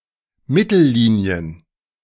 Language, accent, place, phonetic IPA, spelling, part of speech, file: German, Germany, Berlin, [ˈmɪtl̩ˌliːni̯ən], Mittellinien, noun, De-Mittellinien.ogg
- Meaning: plural of Mittellinie